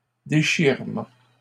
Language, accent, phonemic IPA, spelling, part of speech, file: French, Canada, /de.ʃiʁ.mɑ̃/, déchirement, noun, LL-Q150 (fra)-déchirement.wav
- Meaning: act of tearing something to pieces